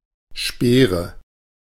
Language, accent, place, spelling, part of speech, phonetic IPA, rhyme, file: German, Germany, Berlin, Speere, noun, [ˈʃpeːʁə], -eːʁə, De-Speere.ogg
- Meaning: nominative/accusative/genitive plural of Speer